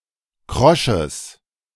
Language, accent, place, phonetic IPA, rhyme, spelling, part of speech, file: German, Germany, Berlin, [ˈkʁɔʃəs], -ɔʃəs, krosches, adjective, De-krosches.ogg
- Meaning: strong/mixed nominative/accusative neuter singular of krosch